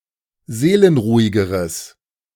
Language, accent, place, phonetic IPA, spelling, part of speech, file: German, Germany, Berlin, [ˈzeːlənˌʁuːɪɡəʁəs], seelenruhigeres, adjective, De-seelenruhigeres.ogg
- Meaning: strong/mixed nominative/accusative neuter singular comparative degree of seelenruhig